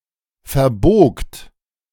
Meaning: second-person plural preterite of verbiegen
- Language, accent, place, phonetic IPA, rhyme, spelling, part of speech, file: German, Germany, Berlin, [fɛɐ̯ˈboːkt], -oːkt, verbogt, verb, De-verbogt.ogg